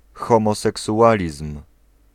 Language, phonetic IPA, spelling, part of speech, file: Polish, [ˌxɔ̃mɔsɛksuˈʷalʲism̥], homoseksualizm, noun, Pl-homoseksualizm.ogg